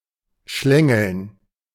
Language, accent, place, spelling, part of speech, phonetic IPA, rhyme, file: German, Germany, Berlin, schlängeln, verb, [ˈʃlɛŋl̩n], -ɛŋl̩n, De-schlängeln.ogg
- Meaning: 1. to move in a snakelike manner 2. to pick one's way, to snake (to move carefully in a winding path around various obstacles)